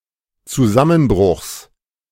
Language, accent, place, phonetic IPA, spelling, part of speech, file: German, Germany, Berlin, [t͡suˈzamənˌbʁʊxs], Zusammenbruchs, noun, De-Zusammenbruchs.ogg
- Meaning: genitive singular of Zusammenbruch